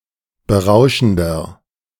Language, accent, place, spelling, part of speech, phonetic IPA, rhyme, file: German, Germany, Berlin, berauschender, adjective, [bəˈʁaʊ̯ʃn̩dɐ], -aʊ̯ʃn̩dɐ, De-berauschender.ogg
- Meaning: inflection of berauschend: 1. strong/mixed nominative masculine singular 2. strong genitive/dative feminine singular 3. strong genitive plural